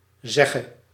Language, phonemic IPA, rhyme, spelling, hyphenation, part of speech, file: Dutch, /ˈzɛ.ɣə/, -ɛɣə, zegge, zeg‧ge, noun / verb, Nl-zegge.ogg
- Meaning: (noun) sedge (plant of genus Carex); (verb) singular present subjunctive of zeggen